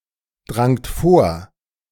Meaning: second-person plural preterite of vordringen
- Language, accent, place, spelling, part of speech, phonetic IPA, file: German, Germany, Berlin, drangt vor, verb, [ˌdʁaŋt ˈfoːɐ̯], De-drangt vor.ogg